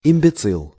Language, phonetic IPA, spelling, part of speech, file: Russian, [ɪm⁽ʲ⁾bʲɪˈt͡sɨɫ], имбецил, noun, Ru-имбецил.ogg
- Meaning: imbecile